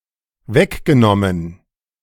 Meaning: past participle of wegnehmen
- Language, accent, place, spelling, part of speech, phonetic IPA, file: German, Germany, Berlin, weggenommen, verb, [ˈvɛkɡəˌnɔmən], De-weggenommen.ogg